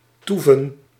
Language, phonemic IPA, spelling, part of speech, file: Dutch, /ˈtu.və(n)/, toeven, verb, Nl-toeven.ogg
- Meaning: to remain somewhere; to linger, stay